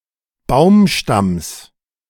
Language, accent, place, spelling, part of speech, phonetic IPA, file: German, Germany, Berlin, Baumstamms, noun, [ˈbaʊ̯mˌʃtams], De-Baumstamms.ogg
- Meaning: genitive singular of Baumstamm